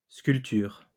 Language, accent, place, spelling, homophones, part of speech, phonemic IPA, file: French, France, Lyon, sculptures, sculpture, noun, /skyl.tyʁ/, LL-Q150 (fra)-sculptures.wav
- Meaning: plural of sculpture